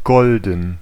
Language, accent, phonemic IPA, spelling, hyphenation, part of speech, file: German, Germany, /ˈɡɔl.dən/, golden, gol‧den, adjective, De-golden.ogg
- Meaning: 1. golden; gold (made of gold) 2. golden (gold-colored)